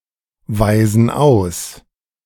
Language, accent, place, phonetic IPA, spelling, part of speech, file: German, Germany, Berlin, [ˌvaɪ̯zn̩ ˈaʊ̯s], weisen aus, verb, De-weisen aus.ogg
- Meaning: inflection of ausweisen: 1. first/third-person plural present 2. first/third-person plural subjunctive I